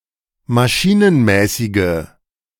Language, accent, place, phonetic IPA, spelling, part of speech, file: German, Germany, Berlin, [maˈʃiːnənˌmɛːsɪɡə], maschinenmäßige, adjective, De-maschinenmäßige.ogg
- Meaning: inflection of maschinenmäßig: 1. strong/mixed nominative/accusative feminine singular 2. strong nominative/accusative plural 3. weak nominative all-gender singular